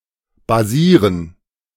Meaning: 1. to base 2. to be based
- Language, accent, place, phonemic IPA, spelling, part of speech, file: German, Germany, Berlin, /baˈziːʁən/, basieren, verb, De-basieren.ogg